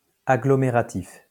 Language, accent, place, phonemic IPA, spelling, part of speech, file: French, France, Lyon, /a.ɡlɔ.me.ʁa.tif/, agglomératif, adjective, LL-Q150 (fra)-agglomératif.wav
- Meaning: agglomerative